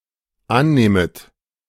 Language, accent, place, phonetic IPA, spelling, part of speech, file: German, Germany, Berlin, [ˈanˌneːmət], annehmet, verb, De-annehmet.ogg
- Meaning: second-person plural dependent subjunctive I of annehmen